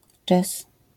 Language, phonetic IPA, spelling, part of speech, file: Polish, [d͡ʒɛs], jazz, noun, LL-Q809 (pol)-jazz.wav